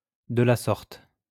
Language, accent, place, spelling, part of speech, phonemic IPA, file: French, France, Lyon, de la sorte, adverb, /də la sɔʁt/, LL-Q150 (fra)-de la sorte.wav
- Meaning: 1. like that, in this way, in such a manner 2. this way (as a consequence)